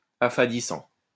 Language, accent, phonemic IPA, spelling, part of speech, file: French, France, /a.fa.di.sɑ̃/, affadissant, verb / adjective, LL-Q150 (fra)-affadissant.wav
- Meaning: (verb) present participle of affadir; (adjective) fading